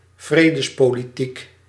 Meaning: politics of peace or peacemaking
- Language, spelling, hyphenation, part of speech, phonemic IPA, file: Dutch, vredespolitiek, vre‧des‧po‧li‧tiek, noun, /ˈvreː.dəs.poː.liˌtik/, Nl-vredespolitiek.ogg